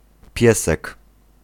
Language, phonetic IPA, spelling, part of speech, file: Polish, [ˈpʲjɛsɛk], piesek, noun, Pl-piesek.ogg